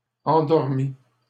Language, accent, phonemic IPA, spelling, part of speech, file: French, Canada, /ɑ̃.dɔʁ.mi/, endormit, verb, LL-Q150 (fra)-endormit.wav
- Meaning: third-person singular past historic of endormir